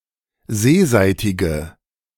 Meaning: inflection of seeseitig: 1. strong/mixed nominative/accusative feminine singular 2. strong nominative/accusative plural 3. weak nominative all-gender singular
- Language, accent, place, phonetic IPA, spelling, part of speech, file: German, Germany, Berlin, [ˈzeːˌzaɪ̯tɪɡə], seeseitige, adjective, De-seeseitige.ogg